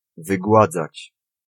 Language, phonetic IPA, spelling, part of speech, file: Polish, [vɨˈɡwad͡zat͡ɕ], wygładzać, verb, Pl-wygładzać.ogg